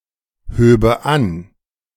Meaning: first/third-person singular subjunctive II of anheben
- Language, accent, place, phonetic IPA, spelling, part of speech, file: German, Germany, Berlin, [ˌhøːbə ˈan], höbe an, verb, De-höbe an.ogg